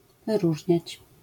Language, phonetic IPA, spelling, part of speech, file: Polish, [vɨˈruʒʲɲät͡ɕ], wyróżniać, verb, LL-Q809 (pol)-wyróżniać.wav